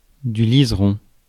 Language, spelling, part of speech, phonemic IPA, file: French, liseron, noun, /liz.ʁɔ̃/, Fr-liseron.ogg
- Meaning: bindweed (trailing vine-like plants, of the genera Calystegia and Convolvulus)